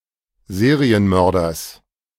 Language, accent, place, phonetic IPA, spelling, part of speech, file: German, Germany, Berlin, [ˈzeːʁiənˌmœʁdɐs], Serienmörders, noun, De-Serienmörders.ogg
- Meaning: genitive singular of Serienmörder